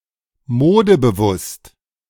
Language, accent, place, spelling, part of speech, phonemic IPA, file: German, Germany, Berlin, modebewusst, adjective, /ˈmoːdəbəˌvʊst/, De-modebewusst.ogg
- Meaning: fashion-conscious